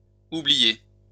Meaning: inflection of oublier: 1. second-person plural present indicative 2. second-person plural imperative
- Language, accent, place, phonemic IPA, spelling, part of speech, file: French, France, Lyon, /u.bli.je/, oubliez, verb, LL-Q150 (fra)-oubliez.wav